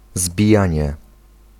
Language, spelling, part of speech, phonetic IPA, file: Polish, zbijanie, noun, [zbʲiˈjä̃ɲɛ], Pl-zbijanie.ogg